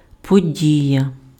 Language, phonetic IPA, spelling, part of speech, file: Ukrainian, [poˈdʲijɐ], подія, noun, Uk-подія.ogg
- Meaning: 1. event, occurrence 2. occasion